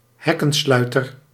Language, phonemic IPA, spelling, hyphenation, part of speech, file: Dutch, /ˈɦɛ.kə(n)ˌslœy̯.tər/, hekkensluiter, hek‧ken‧slui‧ter, noun, Nl-hekkensluiter.ogg
- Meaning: straggler, trailer, one who comes last